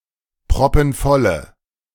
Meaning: inflection of proppenvoll: 1. strong/mixed nominative/accusative feminine singular 2. strong nominative/accusative plural 3. weak nominative all-gender singular
- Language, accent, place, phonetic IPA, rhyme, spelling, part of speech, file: German, Germany, Berlin, [pʁɔpn̩ˈfɔlə], -ɔlə, proppenvolle, adjective, De-proppenvolle.ogg